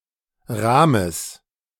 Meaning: genitive singular of Rahm
- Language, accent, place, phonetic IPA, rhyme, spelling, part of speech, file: German, Germany, Berlin, [ˈʁaːməs], -aːməs, Rahmes, noun, De-Rahmes.ogg